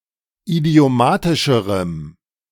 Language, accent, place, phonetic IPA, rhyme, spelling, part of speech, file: German, Germany, Berlin, [idi̯oˈmaːtɪʃəʁəm], -aːtɪʃəʁəm, idiomatischerem, adjective, De-idiomatischerem.ogg
- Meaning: strong dative masculine/neuter singular comparative degree of idiomatisch